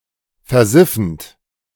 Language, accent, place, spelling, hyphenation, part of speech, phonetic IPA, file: German, Germany, Berlin, versiffend, ver‧sif‧fend, verb, [fɛɐ̯ˈzɪfənt], De-versiffend.ogg
- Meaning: present participle of versiffen